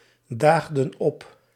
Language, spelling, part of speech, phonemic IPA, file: Dutch, daagden op, verb, /ˈdaɣdə(n) ˈɔp/, Nl-daagden op.ogg
- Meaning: inflection of opdagen: 1. plural past indicative 2. plural past subjunctive